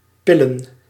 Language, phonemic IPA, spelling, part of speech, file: Dutch, /ˈpɪlə(n)/, pillen, verb / noun, Nl-pillen.ogg
- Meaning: plural of pil